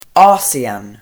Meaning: Asia (the largest continent, located between Europe and the Pacific Ocean)
- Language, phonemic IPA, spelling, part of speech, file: Swedish, /ˈɑːsɪɛn/, Asien, proper noun, Sv-Asien.ogg